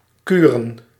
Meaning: plural of kuur
- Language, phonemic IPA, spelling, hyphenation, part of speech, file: Dutch, /kyrə(n)/, kuren, ku‧ren, noun, Nl-kuren.ogg